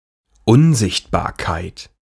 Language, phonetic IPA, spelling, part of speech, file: German, [ˈʊnˌzɪçtbaːɐ̯kaɪ̯t], Unsichtbarkeit, noun, De-Unsichtbarkeit.ogg
- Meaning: invisibility